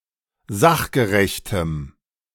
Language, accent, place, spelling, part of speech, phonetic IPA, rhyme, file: German, Germany, Berlin, sachgerechtem, adjective, [ˈzaxɡəʁɛçtəm], -axɡəʁɛçtəm, De-sachgerechtem.ogg
- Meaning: strong dative masculine/neuter singular of sachgerecht